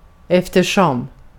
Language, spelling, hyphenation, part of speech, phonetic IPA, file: Swedish, eftersom, ef‧ter‧som, conjunction / adverb, [²ˈɛ̞fːt̪ɛˌʂɔm], Sv-eftersom.ogg
- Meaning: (conjunction) because, since, as (for the reason that); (adverb) over time